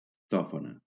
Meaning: truffle (edible fungus)
- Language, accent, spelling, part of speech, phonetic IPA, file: Catalan, Valencia, tòfona, noun, [ˈtɔ.fo.na], LL-Q7026 (cat)-tòfona.wav